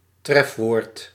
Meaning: 1. entry (in a dictionary) 2. headword
- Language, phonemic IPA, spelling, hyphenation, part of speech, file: Dutch, /ˈtrɛf.ʋoːrt/, trefwoord, tref‧woord, noun, Nl-trefwoord.ogg